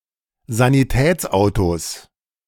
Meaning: 1. genitive singular of Sanitätsauto 2. plural of Sanitätsauto
- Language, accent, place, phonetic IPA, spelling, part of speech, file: German, Germany, Berlin, [zaniˈtɛːt͡sˌʔaʊ̯tos], Sanitätsautos, noun, De-Sanitätsautos.ogg